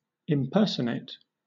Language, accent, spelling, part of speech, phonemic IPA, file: English, Southern England, impersonate, verb, /ɪmˈpɜːsəneɪt/, LL-Q1860 (eng)-impersonate.wav
- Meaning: 1. To pretend to be (a different person); to assume the identity of, especially when there is an intent to deceive 2. To operate with the permissions of a different user account